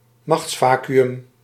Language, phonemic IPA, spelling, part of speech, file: Dutch, /ˈmɑxtsˌvaː.ky.ʏm/, machtsvacuüm, noun, Nl-machtsvacuüm.ogg
- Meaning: power vacuum